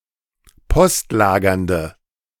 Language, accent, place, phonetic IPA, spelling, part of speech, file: German, Germany, Berlin, [ˈpɔstˌlaːɡɐndə], postlagernde, adjective, De-postlagernde.ogg
- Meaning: inflection of postlagernd: 1. strong/mixed nominative/accusative feminine singular 2. strong nominative/accusative plural 3. weak nominative all-gender singular